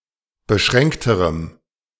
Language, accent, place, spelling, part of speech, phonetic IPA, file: German, Germany, Berlin, beschränkterem, adjective, [bəˈʃʁɛŋktəʁəm], De-beschränkterem.ogg
- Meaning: strong dative masculine/neuter singular comparative degree of beschränkt